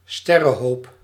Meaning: star cluster
- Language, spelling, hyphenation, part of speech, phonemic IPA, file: Dutch, sterrenhoop, ster‧ren‧hoop, noun, /ˈstɛ.rə(n)ˌɦoːp/, Nl-sterrenhoop.ogg